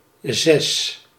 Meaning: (numeral) six; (noun) 1. six (the digit or figure 6) 2. the lowest passing grade, on a scale from 10 (highest grade) to 1 (lowest grade); D− (US)
- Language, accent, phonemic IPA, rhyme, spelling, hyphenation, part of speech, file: Dutch, Netherlands, /zɛs/, -ɛs, zes, zes, numeral / noun, Nl-zes.ogg